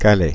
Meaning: Calais (a city in Pas-de-Calais department, Hauts-de-France, France)
- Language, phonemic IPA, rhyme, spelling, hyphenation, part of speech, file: French, /ka.lɛ/, -ɛ, Calais, Ca‧lais, proper noun, Fr-Calais.ogg